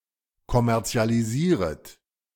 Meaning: second-person plural subjunctive I of kommerzialisieren
- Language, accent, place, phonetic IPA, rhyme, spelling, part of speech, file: German, Germany, Berlin, [kɔmɛʁt͡si̯aliˈziːʁət], -iːʁət, kommerzialisieret, verb, De-kommerzialisieret.ogg